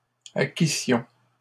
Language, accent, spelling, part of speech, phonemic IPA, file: French, Canada, acquissions, verb, /a.ki.sjɔ̃/, LL-Q150 (fra)-acquissions.wav
- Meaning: first-person plural imperfect subjunctive of acquérir